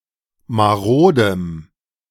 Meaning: strong dative masculine/neuter singular of marode
- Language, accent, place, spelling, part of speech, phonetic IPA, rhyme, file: German, Germany, Berlin, marodem, adjective, [maˈʁoːdəm], -oːdəm, De-marodem.ogg